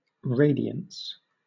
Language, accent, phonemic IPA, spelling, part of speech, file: English, Southern England, /ˈɹeɪdi.əns/, radiance, noun, LL-Q1860 (eng)-radiance.wav
- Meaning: 1. The quality or state of being radiant; shining, bright or splendid 2. The flux of radiation emitted per unit solid angle in a given direction by a unit area of a source